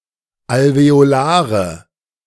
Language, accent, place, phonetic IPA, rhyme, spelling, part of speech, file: German, Germany, Berlin, [alveoˈlaːʁə], -aːʁə, alveolare, adjective, De-alveolare.ogg
- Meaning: inflection of alveolar: 1. strong/mixed nominative/accusative feminine singular 2. strong nominative/accusative plural 3. weak nominative all-gender singular